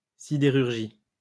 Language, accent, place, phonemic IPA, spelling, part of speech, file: French, France, Lyon, /si.de.ʁyʁ.ʒi/, sidérurgie, noun, LL-Q150 (fra)-sidérurgie.wav
- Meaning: ironworking